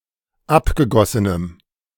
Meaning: strong dative masculine/neuter singular of abgegossen
- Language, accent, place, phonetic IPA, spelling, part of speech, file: German, Germany, Berlin, [ˈapɡəˌɡɔsənəm], abgegossenem, adjective, De-abgegossenem.ogg